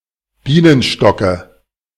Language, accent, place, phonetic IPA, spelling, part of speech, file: German, Germany, Berlin, [ˈbiːnənʃtɔkə], Bienenstocke, noun, De-Bienenstocke.ogg
- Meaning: dative singular of Bienenstock